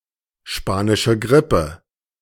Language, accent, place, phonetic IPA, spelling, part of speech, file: German, Germany, Berlin, [ˌʃpaːnɪʃə ˈɡʁɪpə], Spanische Grippe, phrase, De-Spanische Grippe.ogg
- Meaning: Spanish influenza